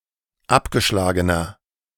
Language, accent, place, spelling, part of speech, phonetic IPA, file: German, Germany, Berlin, abgeschlagener, adjective, [ˈapɡəˌʃlaːɡənɐ], De-abgeschlagener.ogg
- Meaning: inflection of abgeschlagen: 1. strong/mixed nominative masculine singular 2. strong genitive/dative feminine singular 3. strong genitive plural